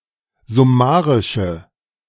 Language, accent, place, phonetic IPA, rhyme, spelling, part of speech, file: German, Germany, Berlin, [zʊˈmaːʁɪʃə], -aːʁɪʃə, summarische, adjective, De-summarische.ogg
- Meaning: inflection of summarisch: 1. strong/mixed nominative/accusative feminine singular 2. strong nominative/accusative plural 3. weak nominative all-gender singular